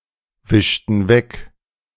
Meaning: inflection of wegwischen: 1. first/third-person plural preterite 2. first/third-person plural subjunctive II
- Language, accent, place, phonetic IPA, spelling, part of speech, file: German, Germany, Berlin, [ˌvɪʃtn̩ ˈvɛk], wischten weg, verb, De-wischten weg.ogg